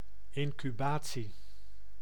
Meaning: 1. incubation (development of a disease) 2. incubation (sleeping in a temple or sanctuary)
- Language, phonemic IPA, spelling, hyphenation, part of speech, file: Dutch, /ˌɪn.kyˈbaː.(t)si/, incubatie, in‧cu‧ba‧tie, noun, Nl-incubatie.ogg